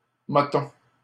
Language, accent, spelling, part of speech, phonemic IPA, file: French, Canada, motton, noun, /mɔ.tɔ̃/, LL-Q150 (fra)-motton.wav
- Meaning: 1. lump, clump, chunk 2. money, cash